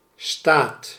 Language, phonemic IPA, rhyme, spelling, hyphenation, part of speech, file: Dutch, /staːt/, -aːt, staat, staat, noun / verb, Nl-staat.ogg
- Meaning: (noun) 1. state (political entity) 2. state, condition, status 3. table, list, chart 4. plantation; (verb) inflection of staan: 1. second/third-person singular present indicative 2. plural imperative